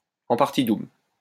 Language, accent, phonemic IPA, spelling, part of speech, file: French, France, /ɑ̃ paʁ.ti dubl/, en partie double, adjective, LL-Q150 (fra)-en partie double.wav
- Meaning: double-entry